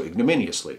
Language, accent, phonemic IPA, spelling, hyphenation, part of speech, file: English, General American, /ˌɪɡ.nəˈmɪ.ni.əs.li/, ignominiously, ig‧nom‧in‧i‧ous‧ly, adverb, En-us-ignominiously.ogg